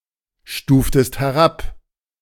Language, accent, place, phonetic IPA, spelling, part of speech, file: German, Germany, Berlin, [ˌʃtuːftəst hɛˈʁap], stuftest herab, verb, De-stuftest herab.ogg
- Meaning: inflection of herabstufen: 1. second-person singular preterite 2. second-person singular subjunctive II